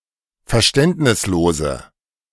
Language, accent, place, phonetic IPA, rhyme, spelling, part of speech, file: German, Germany, Berlin, [fɛɐ̯ˈʃtɛntnɪsˌloːzə], -ɛntnɪsloːzə, verständnislose, adjective, De-verständnislose.ogg
- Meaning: inflection of verständnislos: 1. strong/mixed nominative/accusative feminine singular 2. strong nominative/accusative plural 3. weak nominative all-gender singular